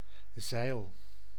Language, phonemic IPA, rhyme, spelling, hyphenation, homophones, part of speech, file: Dutch, /zɛi̯l/, -ɛi̯l, zeil, zeil, zijl, noun / verb, Nl-zeil.ogg
- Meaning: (noun) 1. sail 2. tarpaulin, tarp; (verb) inflection of zeilen: 1. first-person singular present indicative 2. second-person singular present indicative 3. imperative